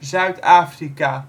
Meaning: South Africa (a country in Southern Africa)
- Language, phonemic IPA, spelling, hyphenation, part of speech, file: Dutch, /ˌzœy̯tˈaː.fri.kaː/, Zuid-Afrika, Zuid-Afri‧ka, proper noun, "Zuid-Afrika" pronounced in Dutch.oga